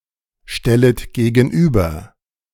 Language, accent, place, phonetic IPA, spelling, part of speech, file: German, Germany, Berlin, [ˌʃtɛlət ɡeːɡn̩ˈʔyːbɐ], stellet gegenüber, verb, De-stellet gegenüber.ogg
- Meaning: second-person plural subjunctive I of gegenüberstellen